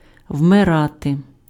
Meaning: alternative form of умира́ти (umyráty): to die
- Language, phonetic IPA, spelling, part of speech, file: Ukrainian, [wmeˈrate], вмирати, verb, Uk-вмирати.ogg